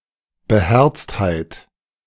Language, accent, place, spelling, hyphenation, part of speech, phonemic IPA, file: German, Germany, Berlin, Beherztheit, Be‧herzt‧heit, noun, /bəˈhɛrtsthaɪ̯t/, De-Beherztheit.ogg
- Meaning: pluckiness, courage, spiritedness, dauntlessness, determination, stoutness